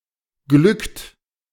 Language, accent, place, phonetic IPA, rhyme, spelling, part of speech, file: German, Germany, Berlin, [ɡlʏkt], -ʏkt, glückt, verb, De-glückt.ogg
- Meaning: inflection of glücken: 1. second-person plural present 2. third-person singular present 3. plural imperative